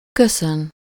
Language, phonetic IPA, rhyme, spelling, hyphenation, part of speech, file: Hungarian, [ˈkøsøn], -øn, köszön, kö‧szön, verb, Hu-köszön.ogg
- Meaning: 1. to greet (someone: -nak/-nek), to say hello 2. to thank (someone: -nak/-nek, for something: -t/-ot/-at/-et/-öt)